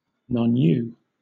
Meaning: Not U; not characteristic of the upper classes, particularly regarding language
- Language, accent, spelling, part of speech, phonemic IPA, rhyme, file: English, Southern England, non-U, adjective, /nɒnˈjuː/, -uː, LL-Q1860 (eng)-non-U.wav